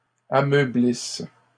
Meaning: inflection of ameublir: 1. third-person plural present indicative/subjunctive 2. third-person plural imperfect subjunctive
- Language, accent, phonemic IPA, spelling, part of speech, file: French, Canada, /a.mœ.blis/, ameublissent, verb, LL-Q150 (fra)-ameublissent.wav